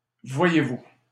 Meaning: you see
- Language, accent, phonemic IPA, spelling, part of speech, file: French, Canada, /vwa.je.vu/, voyez-vous, interjection, LL-Q150 (fra)-voyez-vous.wav